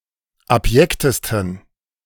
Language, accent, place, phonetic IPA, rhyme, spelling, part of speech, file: German, Germany, Berlin, [apˈjɛktəstn̩], -ɛktəstn̩, abjektesten, adjective, De-abjektesten.ogg
- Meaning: 1. superlative degree of abjekt 2. inflection of abjekt: strong genitive masculine/neuter singular superlative degree